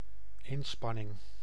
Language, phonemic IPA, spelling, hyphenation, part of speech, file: Dutch, /ˈɪnspɑnɪŋ/, inspanning, in‧span‧ning, noun, Nl-inspanning.ogg
- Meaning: effort